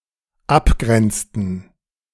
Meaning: inflection of abgrenzen: 1. first/third-person plural dependent preterite 2. first/third-person plural dependent subjunctive II
- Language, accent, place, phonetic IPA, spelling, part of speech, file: German, Germany, Berlin, [ˈapˌɡʁɛnt͡stn̩], abgrenzten, verb, De-abgrenzten.ogg